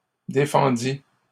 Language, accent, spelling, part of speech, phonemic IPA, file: French, Canada, défendit, verb, /de.fɑ̃.di/, LL-Q150 (fra)-défendit.wav
- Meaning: third-person singular past historic of défendre